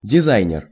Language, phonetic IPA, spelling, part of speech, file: Russian, [dʲɪˈzajnʲɪr], дизайнер, noun, Ru-дизайнер.ogg
- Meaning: designer (person who designs; male or female)